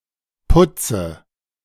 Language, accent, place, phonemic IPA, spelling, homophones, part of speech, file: German, Germany, Berlin, /ˈpʊtsə/, putze, Putze, verb, De-putze.ogg
- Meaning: inflection of putzen: 1. first-person singular present 2. first/third-person singular subjunctive I 3. singular imperative